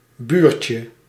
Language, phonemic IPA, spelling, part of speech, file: Dutch, /ˈbyrcə/, buurtje, noun, Nl-buurtje.ogg
- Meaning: diminutive of buurt